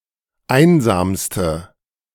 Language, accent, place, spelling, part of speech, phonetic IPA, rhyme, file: German, Germany, Berlin, einsamste, adjective, [ˈaɪ̯nzaːmstə], -aɪ̯nzaːmstə, De-einsamste.ogg
- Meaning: inflection of einsam: 1. strong/mixed nominative/accusative feminine singular superlative degree 2. strong nominative/accusative plural superlative degree